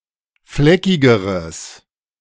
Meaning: strong/mixed nominative/accusative neuter singular comparative degree of fleckig
- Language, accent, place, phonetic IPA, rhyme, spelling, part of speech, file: German, Germany, Berlin, [ˈflɛkɪɡəʁəs], -ɛkɪɡəʁəs, fleckigeres, adjective, De-fleckigeres.ogg